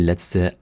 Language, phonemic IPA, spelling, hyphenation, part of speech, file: German, /ˈlɛt͡stə/, letzte, letz‧te, adjective, De-letzte.ogg
- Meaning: last